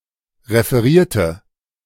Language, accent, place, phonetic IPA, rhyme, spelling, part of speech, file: German, Germany, Berlin, [ʁefəˈʁiːɐ̯tə], -iːɐ̯tə, referierte, adjective / verb, De-referierte.ogg
- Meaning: inflection of referieren: 1. first/third-person singular preterite 2. first/third-person singular subjunctive II